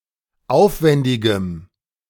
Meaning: strong dative masculine/neuter singular of aufwändig
- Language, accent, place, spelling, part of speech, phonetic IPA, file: German, Germany, Berlin, aufwändigem, adjective, [ˈaʊ̯fˌvɛndɪɡəm], De-aufwändigem.ogg